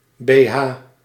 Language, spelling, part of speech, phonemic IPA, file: Dutch, bh, noun, /beˈha/, Nl-bh.ogg